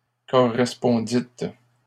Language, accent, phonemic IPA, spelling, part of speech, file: French, Canada, /kɔ.ʁɛs.pɔ̃.dit/, correspondîtes, verb, LL-Q150 (fra)-correspondîtes.wav
- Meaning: second-person plural past historic of correspondre